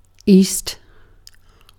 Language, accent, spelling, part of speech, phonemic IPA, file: English, UK, east, noun / adjective / adverb, /ɪjst/, En-uk-east.ogg
- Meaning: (noun) 1. The direction of the earth's rotation, specifically 90° 2. The eastern region or area; the inhabitants thereof